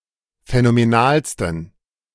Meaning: 1. superlative degree of phänomenal 2. inflection of phänomenal: strong genitive masculine/neuter singular superlative degree
- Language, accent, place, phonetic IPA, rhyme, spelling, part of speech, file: German, Germany, Berlin, [fɛnomeˈnaːlstn̩], -aːlstn̩, phänomenalsten, adjective, De-phänomenalsten.ogg